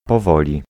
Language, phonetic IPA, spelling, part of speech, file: Polish, [pɔˈvɔlʲi], powoli, adverb, Pl-powoli.ogg